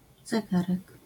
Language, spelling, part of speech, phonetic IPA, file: Polish, zegarek, noun, [zɛˈɡarɛk], LL-Q809 (pol)-zegarek.wav